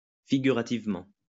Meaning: figuratively
- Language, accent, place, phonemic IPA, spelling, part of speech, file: French, France, Lyon, /fi.ɡy.ʁa.tiv.mɑ̃/, figurativement, adverb, LL-Q150 (fra)-figurativement.wav